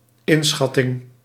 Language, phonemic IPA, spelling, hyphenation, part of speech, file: Dutch, /ˈɪnˌsxɑ.tɪŋ/, inschatting, in‧schat‧ting, noun, Nl-inschatting.ogg
- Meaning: assessment, estimate, estimation